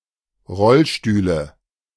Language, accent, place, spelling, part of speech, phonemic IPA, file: German, Germany, Berlin, Rollstühle, noun, /ˈʁɔlˌʃtyːlə/, De-Rollstühle.ogg
- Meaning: nominative/accusative/genitive plural of Rollstuhl